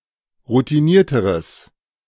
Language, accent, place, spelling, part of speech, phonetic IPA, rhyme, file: German, Germany, Berlin, routinierteres, adjective, [ʁutiˈniːɐ̯təʁəs], -iːɐ̯təʁəs, De-routinierteres.ogg
- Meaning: strong/mixed nominative/accusative neuter singular comparative degree of routiniert